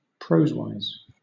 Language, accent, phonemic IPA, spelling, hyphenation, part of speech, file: English, Southern England, /ˈpɹəʊzwaɪz/, prosewise, prose‧wise, adverb, LL-Q1860 (eng)-prosewise.wav
- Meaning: In terms of prose, as opposed to poetry